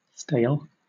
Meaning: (adjective) 1. No longer fresh, in reference to food, urine, straw, wounds, etc 2. No longer fresh, new, or interesting, in reference to ideas and immaterial things; clichéd, hackneyed, dated
- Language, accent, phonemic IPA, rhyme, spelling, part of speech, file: English, Southern England, /steɪl/, -eɪl, stale, adjective / noun / verb, LL-Q1860 (eng)-stale.wav